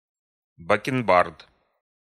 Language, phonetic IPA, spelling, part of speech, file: Russian, [bəkʲɪnˈbart], бакенбард, noun, Ru-бакенбард.ogg
- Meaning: 1. genitive of бакенба́рды (bakenbárdy) 2. genitive plural of бакенба́рда (bakenbárda)